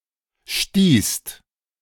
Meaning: second-person singular/plural preterite of stoßen
- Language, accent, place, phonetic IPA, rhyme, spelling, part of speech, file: German, Germany, Berlin, [ʃtiːst], -iːst, stießt, verb, De-stießt.ogg